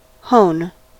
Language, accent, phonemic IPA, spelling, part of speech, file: English, US, /hoʊn/, hone, noun / verb / interjection, En-us-hone.ogg
- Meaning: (noun) A sharpening stone composed of extra-fine grit used for removing the burr or curl from the blade of a razor or some other edge tool